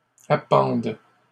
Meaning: third-person plural present indicative/subjunctive of appendre
- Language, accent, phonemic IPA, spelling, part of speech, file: French, Canada, /a.pɑ̃d/, appendent, verb, LL-Q150 (fra)-appendent.wav